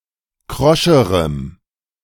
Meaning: strong dative masculine/neuter singular comparative degree of krosch
- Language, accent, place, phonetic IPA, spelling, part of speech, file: German, Germany, Berlin, [ˈkʁɔʃəʁəm], kroscherem, adjective, De-kroscherem.ogg